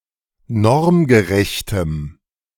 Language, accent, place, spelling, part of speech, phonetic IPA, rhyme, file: German, Germany, Berlin, normgerechtem, adjective, [ˈnɔʁmɡəˌʁɛçtəm], -ɔʁmɡəʁɛçtəm, De-normgerechtem.ogg
- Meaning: strong dative masculine/neuter singular of normgerecht